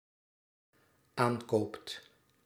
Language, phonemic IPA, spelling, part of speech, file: Dutch, /ˈaŋkopt/, aankoopt, verb, Nl-aankoopt.ogg
- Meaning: second/third-person singular dependent-clause present indicative of aankopen